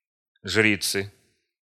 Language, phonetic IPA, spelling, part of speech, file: Russian, [ˈʐrʲit͡sɨ], жрицы, noun, Ru-жрицы.ogg
- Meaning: inflection of жри́ца (žríca): 1. genitive singular 2. nominative plural